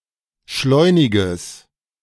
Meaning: strong/mixed nominative/accusative neuter singular of schleunig
- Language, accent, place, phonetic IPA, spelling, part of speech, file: German, Germany, Berlin, [ˈʃlɔɪ̯nɪɡəs], schleuniges, adjective, De-schleuniges.ogg